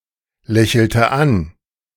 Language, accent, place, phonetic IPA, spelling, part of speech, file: German, Germany, Berlin, [ˌlɛçl̩tə ˈan], lächelte an, verb, De-lächelte an.ogg
- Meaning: inflection of anlächeln: 1. first/third-person singular preterite 2. first/third-person singular subjunctive II